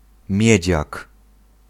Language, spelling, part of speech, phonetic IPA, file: Polish, miedziak, noun, [ˈmʲjɛ̇d͡ʑak], Pl-miedziak.ogg